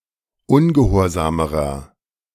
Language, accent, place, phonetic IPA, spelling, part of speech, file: German, Germany, Berlin, [ˈʊnɡəˌhoːɐ̯zaːməʁɐ], ungehorsamerer, adjective, De-ungehorsamerer.ogg
- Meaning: inflection of ungehorsam: 1. strong/mixed nominative masculine singular comparative degree 2. strong genitive/dative feminine singular comparative degree 3. strong genitive plural comparative degree